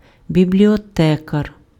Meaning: librarian
- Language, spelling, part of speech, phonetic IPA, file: Ukrainian, бібліотекар, noun, [bʲiblʲiɔˈtɛkɐr], Uk-бібліотекар.ogg